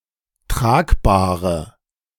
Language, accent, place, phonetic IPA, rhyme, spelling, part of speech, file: German, Germany, Berlin, [ˈtʁaːkbaːʁə], -aːkbaːʁə, tragbare, adjective, De-tragbare.ogg
- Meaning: inflection of tragbar: 1. strong/mixed nominative/accusative feminine singular 2. strong nominative/accusative plural 3. weak nominative all-gender singular 4. weak accusative feminine/neuter singular